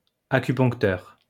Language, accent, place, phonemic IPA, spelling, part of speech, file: French, France, Lyon, /a.ky.pɔ̃k.tœʁ/, acuponcteur, noun, LL-Q150 (fra)-acuponcteur.wav
- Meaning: acupuncturist